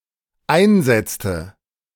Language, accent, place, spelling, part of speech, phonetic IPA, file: German, Germany, Berlin, einsetzte, verb, [ˈaɪ̯nˌzɛt͡stə], De-einsetzte.ogg
- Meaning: inflection of einsetzen: 1. first/third-person singular dependent preterite 2. first/third-person singular dependent subjunctive II